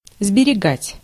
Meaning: 1. to save, to preserve 2. to spare
- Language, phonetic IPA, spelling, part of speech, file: Russian, [zbʲɪrʲɪˈɡatʲ], сберегать, verb, Ru-сберегать.ogg